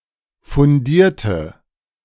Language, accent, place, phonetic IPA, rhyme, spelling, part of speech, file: German, Germany, Berlin, [fʊnˈdiːɐ̯tə], -iːɐ̯tə, fundierte, adjective / verb, De-fundierte.ogg
- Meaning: inflection of fundiert: 1. strong/mixed nominative/accusative feminine singular 2. strong nominative/accusative plural 3. weak nominative all-gender singular